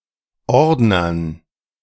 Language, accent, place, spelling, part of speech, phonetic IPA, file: German, Germany, Berlin, Ordnern, noun, [ˈɔʁdnɐn], De-Ordnern.ogg
- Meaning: dative plural of Ordner